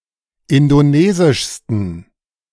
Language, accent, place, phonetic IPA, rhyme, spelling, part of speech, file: German, Germany, Berlin, [ˌɪndoˈneːzɪʃstn̩], -eːzɪʃstn̩, indonesischsten, adjective, De-indonesischsten.ogg
- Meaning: 1. superlative degree of indonesisch 2. inflection of indonesisch: strong genitive masculine/neuter singular superlative degree